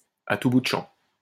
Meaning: constantly, at every turn, especially if inappropriate or for no good reason
- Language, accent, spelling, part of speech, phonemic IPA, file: French, France, à tout bout de champ, adverb, /a tu bu d(ə) ʃɑ̃/, LL-Q150 (fra)-à tout bout de champ.wav